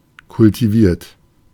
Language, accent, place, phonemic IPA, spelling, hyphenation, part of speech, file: German, Germany, Berlin, /kʊltiˈviːɐ̯t/, kultiviert, kul‧ti‧viert, verb / adjective, De-kultiviert.ogg
- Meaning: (verb) past participle of kultivieren; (adjective) cultivated, sophisticated; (verb) inflection of kultivieren: 1. third-person singular present 2. second-person plural present 3. plural imperative